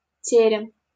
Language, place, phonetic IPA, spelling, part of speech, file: Russian, Saint Petersburg, [ˈtʲerʲɪm], терем, noun, LL-Q7737 (rus)-терем.wav
- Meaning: tower, tower-room; a living area in a building or upper part of a building in the shape of a tower, especially in ancient Rus